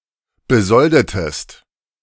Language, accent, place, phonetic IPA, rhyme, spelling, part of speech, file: German, Germany, Berlin, [bəˈzɔldətəst], -ɔldətəst, besoldetest, verb, De-besoldetest.ogg
- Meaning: inflection of besolden: 1. second-person singular preterite 2. second-person singular subjunctive II